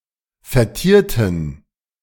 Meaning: inflection of vertiert: 1. strong genitive masculine/neuter singular 2. weak/mixed genitive/dative all-gender singular 3. strong/weak/mixed accusative masculine singular 4. strong dative plural
- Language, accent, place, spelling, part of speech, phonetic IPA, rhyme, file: German, Germany, Berlin, vertierten, adjective / verb, [fɛɐ̯ˈtiːɐ̯tn̩], -iːɐ̯tn̩, De-vertierten.ogg